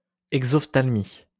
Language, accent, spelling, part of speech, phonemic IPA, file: French, France, exophtalmie, noun, /ɛɡ.zɔf.tal.mi/, LL-Q150 (fra)-exophtalmie.wav
- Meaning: exophthalmos